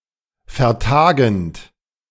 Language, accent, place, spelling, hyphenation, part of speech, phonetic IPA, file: German, Germany, Berlin, vertagend, ver‧ta‧gend, verb, [fɛʁˈtaːɡənt], De-vertagend.ogg
- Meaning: present participle of vertagen